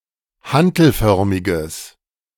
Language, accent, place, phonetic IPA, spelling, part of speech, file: German, Germany, Berlin, [ˈhantl̩ˌfœʁmɪɡəs], hantelförmiges, adjective, De-hantelförmiges.ogg
- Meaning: strong/mixed nominative/accusative neuter singular of hantelförmig